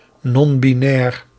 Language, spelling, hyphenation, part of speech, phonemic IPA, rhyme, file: Dutch, non-binair, non-bi‧nair, adjective, /ˌnɔm.biˈnɛːr/, -ɛːr, Nl-non-binair.ogg
- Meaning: non-binary